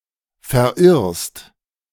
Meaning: second-person singular present of verirren
- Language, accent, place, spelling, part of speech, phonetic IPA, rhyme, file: German, Germany, Berlin, verirrst, verb, [fɛɐ̯ˈʔɪʁst], -ɪʁst, De-verirrst.ogg